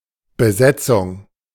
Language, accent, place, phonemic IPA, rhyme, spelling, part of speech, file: German, Germany, Berlin, /bəˈzɛtsʊŋ/, -ɛt͡sʊŋ, Besetzung, noun, De-Besetzung.ogg
- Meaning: 1. occupation; invasion (of a country) 2. squat (occupation of a building without permission) 3. appointment for a role in a company or institution